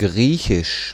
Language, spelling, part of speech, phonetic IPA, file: German, Griechisch, noun, [ˈɡʁiːçɪʃ], De-Griechisch.ogg
- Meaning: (proper noun) Greek language; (noun) Greek, anal sex